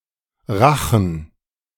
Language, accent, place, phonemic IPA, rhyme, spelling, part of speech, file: German, Germany, Berlin, /ˈraxən/, -axən, Rachen, noun, De-Rachen.ogg
- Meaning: throat, pharynx (interior of the front of the neck)